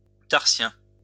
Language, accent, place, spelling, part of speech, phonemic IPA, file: French, France, Lyon, tarsien, adjective, /taʁ.sjɛ̃/, LL-Q150 (fra)-tarsien.wav
- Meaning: tarsal